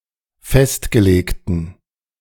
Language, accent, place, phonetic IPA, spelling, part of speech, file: German, Germany, Berlin, [ˈfɛstɡəˌleːktn̩], festgelegten, adjective, De-festgelegten.ogg
- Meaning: inflection of festgelegt: 1. strong genitive masculine/neuter singular 2. weak/mixed genitive/dative all-gender singular 3. strong/weak/mixed accusative masculine singular 4. strong dative plural